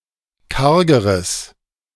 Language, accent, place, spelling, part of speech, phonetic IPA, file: German, Germany, Berlin, kargeres, adjective, [ˈkaʁɡəʁəs], De-kargeres.ogg
- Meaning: strong/mixed nominative/accusative neuter singular comparative degree of karg